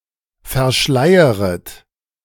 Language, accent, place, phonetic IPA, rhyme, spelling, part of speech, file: German, Germany, Berlin, [fɛɐ̯ˈʃlaɪ̯əʁət], -aɪ̯əʁət, verschleieret, verb, De-verschleieret.ogg
- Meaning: second-person plural subjunctive I of verschleiern